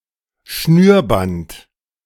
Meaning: lace
- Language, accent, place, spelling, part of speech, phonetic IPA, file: German, Germany, Berlin, Schnürband, noun, [ˈʃnyːɐ̯ˌbant], De-Schnürband.ogg